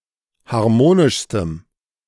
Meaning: strong dative masculine/neuter singular superlative degree of harmonisch
- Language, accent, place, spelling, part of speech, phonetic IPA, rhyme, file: German, Germany, Berlin, harmonischstem, adjective, [haʁˈmoːnɪʃstəm], -oːnɪʃstəm, De-harmonischstem.ogg